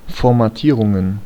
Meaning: plural of Formatierung
- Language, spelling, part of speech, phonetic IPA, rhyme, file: German, Formatierungen, noun, [ˌfɔʁmaˈtiːʁʊŋən], -iːʁʊŋən, De-Formatierungen.ogg